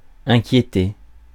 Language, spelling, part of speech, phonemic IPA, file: French, inquiéter, verb, /ɛ̃.kje.te/, Fr-inquiéter.ogg
- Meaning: 1. to worry 2. to be worried, to worry